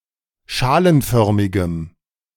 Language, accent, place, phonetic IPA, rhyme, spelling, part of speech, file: German, Germany, Berlin, [ˈʃaːlənˌfœʁmɪɡəm], -aːlənfœʁmɪɡəm, schalenförmigem, adjective, De-schalenförmigem.ogg
- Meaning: strong dative masculine/neuter singular of schalenförmig